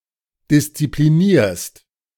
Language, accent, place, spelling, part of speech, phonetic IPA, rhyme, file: German, Germany, Berlin, disziplinierst, verb, [dɪst͡sipliˈniːɐ̯st], -iːɐ̯st, De-disziplinierst.ogg
- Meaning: second-person singular present of disziplinieren